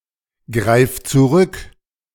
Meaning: singular imperative of zurückgreifen
- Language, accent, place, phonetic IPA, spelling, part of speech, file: German, Germany, Berlin, [ˌɡʁaɪ̯f t͡suˈʁʏk], greif zurück, verb, De-greif zurück.ogg